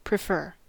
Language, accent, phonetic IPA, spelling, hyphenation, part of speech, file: English, US, [pɹɪˈfɝ], prefer, pre‧fer, verb, En-us-prefer.ogg
- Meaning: 1. To be in the habit of choosing something rather than something else; to favor; to like better 2. To advance, promote (someone or something)